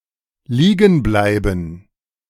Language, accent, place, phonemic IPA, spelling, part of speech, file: German, Germany, Berlin, /ˈliːɡn̩ ˌblaɪ̯bn̩/, liegen bleiben, verb, De-liegen bleiben.ogg
- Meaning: 1. to stay lying on the ground 2. to stay in bed 3. to be left behind 4. to have a breakdown